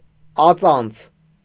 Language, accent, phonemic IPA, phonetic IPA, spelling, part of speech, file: Armenian, Eastern Armenian, /ɑˈt͡sɑnt͡sʰ/, [ɑt͡sɑ́nt͡sʰ], ածանց, noun, Hy-ածանց.ogg
- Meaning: 1. affix 2. derivative (a word formed from another word)